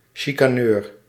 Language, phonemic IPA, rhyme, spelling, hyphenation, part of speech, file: Dutch, /ˌʃi.kaːˈnøːr/, -øːr, chicaneur, chi‧ca‧neur, noun, Nl-chicaneur.ogg
- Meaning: a quibbler, a chicaner, a nitpicker